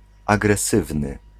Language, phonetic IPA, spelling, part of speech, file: Polish, [ˌaɡrɛˈsɨvnɨ], agresywny, adjective, Pl-agresywny.ogg